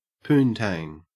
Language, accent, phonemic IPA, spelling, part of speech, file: English, Australia, /ˈpuːntæŋ/, poontang, noun, En-au-poontang.ogg
- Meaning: 1. Female genitalia; the vulva or vagina 2. Sexual intercourse with a woman 3. A woman, especially when discussed from a heavily sexualized, sexist, and misogynist perspective